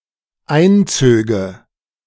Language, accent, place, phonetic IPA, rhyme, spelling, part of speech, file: German, Germany, Berlin, [ˈaɪ̯nˌt͡søːɡə], -aɪ̯nt͡søːɡə, einzöge, verb, De-einzöge.ogg
- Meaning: first/third-person singular dependent subjunctive II of einziehen